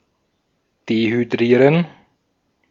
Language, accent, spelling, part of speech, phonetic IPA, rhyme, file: German, Austria, dehydrieren, verb, [dehyˈdʁiːʁən], -iːʁən, De-at-dehydrieren.ogg
- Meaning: to dehydrogenate